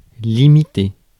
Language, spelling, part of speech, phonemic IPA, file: French, limiter, verb, /li.mi.te/, Fr-limiter.ogg
- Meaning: 1. to mark, to limit (to show a physical limit or boundary) 2. to limit (to state a limit for)